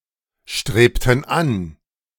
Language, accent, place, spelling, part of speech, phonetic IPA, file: German, Germany, Berlin, strebten an, verb, [ˌʃtʁeːptn̩ ˈan], De-strebten an.ogg
- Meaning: inflection of anstreben: 1. first/third-person plural preterite 2. first/third-person plural subjunctive II